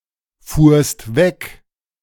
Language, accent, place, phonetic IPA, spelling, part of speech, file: German, Germany, Berlin, [ˌfuːɐ̯st ˈvɛk], fuhrst weg, verb, De-fuhrst weg.ogg
- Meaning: second-person singular preterite of wegfahren